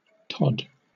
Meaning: 1. An English and Scottish surname transferred from the nickname from Middle English tod (“fox”) 2. A male given name transferred from the surname
- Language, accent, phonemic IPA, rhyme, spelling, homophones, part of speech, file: English, Southern England, /tɒd/, -ɒd, Todd, tod, proper noun, LL-Q1860 (eng)-Todd.wav